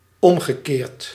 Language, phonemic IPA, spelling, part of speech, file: Dutch, /ˈɔmɣəˌkert/, omgekeerd, verb / adjective, Nl-omgekeerd.ogg
- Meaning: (adjective) reverse, reversed; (adverb) vice versa; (verb) past participle of omkeren